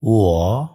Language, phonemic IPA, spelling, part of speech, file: Odia, /wɔ/, ୱ, character, Or-ୱ.wav
- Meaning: The forty-sixth character in the Odia abugida